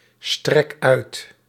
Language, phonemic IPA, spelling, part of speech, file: Dutch, /ˈstrɛk ˈœyt/, strek uit, verb, Nl-strek uit.ogg
- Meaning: inflection of uitstrekken: 1. first-person singular present indicative 2. second-person singular present indicative 3. imperative